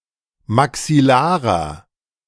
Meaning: inflection of maxillar: 1. strong/mixed nominative masculine singular 2. strong genitive/dative feminine singular 3. strong genitive plural
- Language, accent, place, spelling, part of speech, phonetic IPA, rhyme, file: German, Germany, Berlin, maxillarer, adjective, [maksɪˈlaːʁɐ], -aːʁɐ, De-maxillarer.ogg